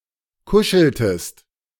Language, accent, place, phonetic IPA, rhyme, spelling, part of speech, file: German, Germany, Berlin, [ˈkʊʃl̩təst], -ʊʃl̩təst, kuscheltest, verb, De-kuscheltest.ogg
- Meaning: inflection of kuscheln: 1. second-person singular preterite 2. second-person singular subjunctive II